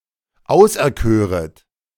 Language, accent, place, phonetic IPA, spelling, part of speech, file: German, Germany, Berlin, [ˈaʊ̯sʔɛɐ̯ˌkøːʁət], auserköret, verb, De-auserköret.ogg
- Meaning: second-person plural subjunctive I of auserkiesen